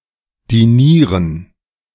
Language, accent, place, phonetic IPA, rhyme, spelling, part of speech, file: German, Germany, Berlin, [diˈniːʁən], -iːʁən, dinieren, verb, De-dinieren.ogg
- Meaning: to dine